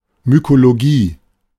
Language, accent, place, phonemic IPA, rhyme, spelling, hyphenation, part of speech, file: German, Germany, Berlin, /mykoloˈɡiː/, -iː, Mykologie, My‧ko‧lo‧gie, noun, De-Mykologie.ogg
- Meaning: mycology (study of fungi)